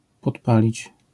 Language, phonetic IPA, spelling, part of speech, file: Polish, [pɔtˈpalʲit͡ɕ], podpalić, verb, LL-Q809 (pol)-podpalić.wav